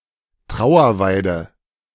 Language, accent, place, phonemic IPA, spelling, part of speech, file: German, Germany, Berlin, /ˈtʁaʊ̯ɐˌvaɪ̯də/, Trauerweide, noun, De-Trauerweide.ogg
- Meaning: weeping willow, Peking willow (tree)